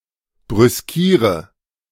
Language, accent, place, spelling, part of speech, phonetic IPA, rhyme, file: German, Germany, Berlin, brüskiere, verb, [bʁʏsˈkiːʁə], -iːʁə, De-brüskiere.ogg
- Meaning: inflection of brüskieren: 1. first-person singular present 2. singular imperative 3. first/third-person singular subjunctive I